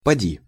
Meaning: 1. syncopic form of пойди́ (pojdí) 2. maybe, would, possibly 3. just try
- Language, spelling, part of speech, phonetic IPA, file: Russian, поди, verb, [pɐˈdʲi], Ru-поди.ogg